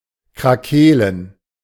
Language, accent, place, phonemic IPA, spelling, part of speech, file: German, Germany, Berlin, /kʁaˈkeːlən/, krakeelen, verb, De-krakeelen.ogg
- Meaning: to bawl; to shout (usually aggressively)